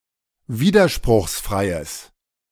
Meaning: strong/mixed nominative/accusative neuter singular of widerspruchsfrei
- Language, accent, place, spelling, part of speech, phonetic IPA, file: German, Germany, Berlin, widerspruchsfreies, adjective, [ˈviːdɐʃpʁʊxsˌfʁaɪ̯əs], De-widerspruchsfreies.ogg